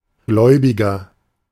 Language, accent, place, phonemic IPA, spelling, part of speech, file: German, Germany, Berlin, /ˈɡlɔʏ̯bɪɡɐ/, Gläubiger, noun, De-Gläubiger.ogg
- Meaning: 1. creditor (a person to whom a debt is owed) 2. believer